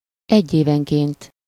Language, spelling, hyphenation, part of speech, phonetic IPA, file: Hungarian, egyévenként, egy‧éven‧ként, adverb, [ˈɛɟːeːvɛŋkeːnt], Hu-egyévenként.ogg
- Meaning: annually